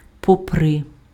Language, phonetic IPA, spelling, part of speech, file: Ukrainian, [pɔˈprɪ], попри, verb, Uk-попри.ogg
- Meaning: second-person singular imperative perfective of попе́рти (popérty)